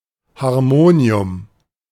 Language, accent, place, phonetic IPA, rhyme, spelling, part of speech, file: German, Germany, Berlin, [haʁˈmoːni̯ʊm], -oːni̯ʊm, Harmonium, noun, De-Harmonium.ogg
- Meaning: harmonium